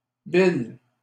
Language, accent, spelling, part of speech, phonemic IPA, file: French, Canada, bill, noun, /bil/, LL-Q150 (fra)-bill.wav
- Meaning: 1. bill (draft UK law) 2. bill (invoice in a restaurant etc)